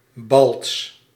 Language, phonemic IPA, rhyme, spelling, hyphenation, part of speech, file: Dutch, /bɑlts/, -ɑlts, balts, balts, noun, Nl-balts.ogg
- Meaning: courtship display (especially by birds)